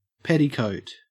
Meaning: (noun) 1. A tight, usually padded undercoat worn by women over a shirt and under the doublet 2. A woman's undercoat, worn to be displayed beneath an open gown
- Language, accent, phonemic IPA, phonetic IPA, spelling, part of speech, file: English, Australia, /ˈpet.ɪ.kəʉt/, [ˈpeɾ.ɪ.kəʉt], petticoat, noun / verb / adjective, En-au-petticoat.ogg